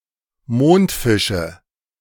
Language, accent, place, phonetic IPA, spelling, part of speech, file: German, Germany, Berlin, [ˈmoːntˌfɪʃə], Mondfische, noun, De-Mondfische.ogg
- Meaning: nominative/accusative/genitive plural of Mondfisch